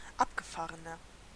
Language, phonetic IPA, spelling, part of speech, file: German, [ˈapɡəˌfaːʁənɐ], abgefahrener, adjective, De-abgefahrener.ogg
- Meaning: 1. comparative degree of abgefahren 2. inflection of abgefahren: strong/mixed nominative masculine singular 3. inflection of abgefahren: strong genitive/dative feminine singular